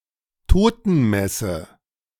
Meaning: requiem (a mass or other ceremony to honor and remember a dead person)
- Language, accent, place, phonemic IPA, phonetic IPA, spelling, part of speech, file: German, Germany, Berlin, /ˈtoːtənˌmɛsə/, [ˈtʰoːtn̩ˌmɛsə], Totenmesse, noun, De-Totenmesse.ogg